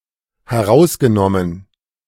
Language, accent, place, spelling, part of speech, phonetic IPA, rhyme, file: German, Germany, Berlin, herausgenommen, verb, [hɛˈʁaʊ̯sɡəˌnɔmən], -aʊ̯sɡənɔmən, De-herausgenommen.ogg
- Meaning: past participle of herausnehmen